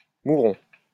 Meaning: 1. scarlet pimpernel (Anagallis arvensis) 2. Lysimachia tenella, syn. Anagallis tenella 3. Stellaria media 4. Veronica anagallis 5. Veronica anagalloides 6. Samolus valerandi 7. worries
- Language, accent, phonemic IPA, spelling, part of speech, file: French, France, /mu.ʁɔ̃/, mouron, noun, LL-Q150 (fra)-mouron.wav